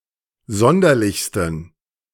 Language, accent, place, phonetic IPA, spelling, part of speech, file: German, Germany, Berlin, [ˈzɔndɐlɪçstn̩], sonderlichsten, adjective, De-sonderlichsten.ogg
- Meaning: 1. superlative degree of sonderlich 2. inflection of sonderlich: strong genitive masculine/neuter singular superlative degree